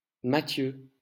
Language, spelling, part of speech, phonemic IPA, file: French, Mathieu, proper noun, /ma.tjø/, LL-Q150 (fra)-Mathieu.wav
- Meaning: a male given name, variant of Matthieu